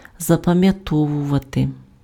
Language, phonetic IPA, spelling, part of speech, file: Ukrainian, [zɐpɐmjɐˈtɔwʊʋɐte], запам'ятовувати, verb, Uk-запам'ятовувати.ogg
- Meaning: to memorize, to remember (to commit to memory)